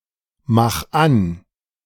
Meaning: 1. singular imperative of anmachen 2. first-person singular present of anmachen
- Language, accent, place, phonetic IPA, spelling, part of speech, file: German, Germany, Berlin, [ˌmax ˈan], mach an, verb, De-mach an.ogg